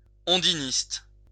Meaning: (adjective) undinist
- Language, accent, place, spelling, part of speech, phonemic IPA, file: French, France, Lyon, ondiniste, adjective / noun, /ɔ̃.di.nist/, LL-Q150 (fra)-ondiniste.wav